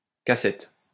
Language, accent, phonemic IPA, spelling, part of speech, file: French, France, /ka.sɛt/, K7, noun, LL-Q150 (fra)-K7.wav
- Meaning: abbreviation of cassette